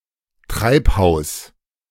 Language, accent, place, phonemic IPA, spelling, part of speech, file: German, Germany, Berlin, /ˈtʁaɪ̯phaʊ̯s/, Treibhaus, noun, De-Treibhaus.ogg
- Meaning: greenhouse, hothouse, forcing house